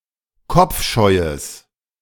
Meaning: strong/mixed nominative/accusative neuter singular of kopfscheu
- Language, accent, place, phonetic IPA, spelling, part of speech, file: German, Germany, Berlin, [ˈkɔp͡fˌʃɔɪ̯əs], kopfscheues, adjective, De-kopfscheues.ogg